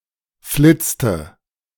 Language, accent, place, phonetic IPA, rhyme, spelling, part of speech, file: German, Germany, Berlin, [ˈflɪt͡stə], -ɪt͡stə, flitzte, verb, De-flitzte.ogg
- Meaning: inflection of flitzen: 1. first/third-person singular preterite 2. first/third-person singular subjunctive II